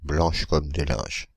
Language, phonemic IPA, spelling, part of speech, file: French, /blɑ̃ʃ kɔm de lɛ̃ʒ/, blanches comme des linges, adjective, Fr-blanches comme des linges.ogg
- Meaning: feminine plural of blanc comme un linge